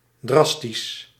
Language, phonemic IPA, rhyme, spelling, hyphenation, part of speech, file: Dutch, /ˈdrɑs.tis/, -ɑstis, drastisch, dras‧tisch, adjective, Nl-drastisch.ogg
- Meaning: drastic